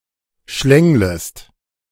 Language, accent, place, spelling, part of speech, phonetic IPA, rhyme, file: German, Germany, Berlin, schlänglest, verb, [ˈʃlɛŋləst], -ɛŋləst, De-schlänglest.ogg
- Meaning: second-person singular subjunctive I of schlängeln